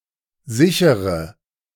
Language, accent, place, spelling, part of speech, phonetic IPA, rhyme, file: German, Germany, Berlin, sichere, verb / adjective, [ˈzɪçəʁə], -ɪçəʁə, De-sichere.ogg
- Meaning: inflection of sichern: 1. first-person singular present 2. first/third-person singular subjunctive I 3. singular imperative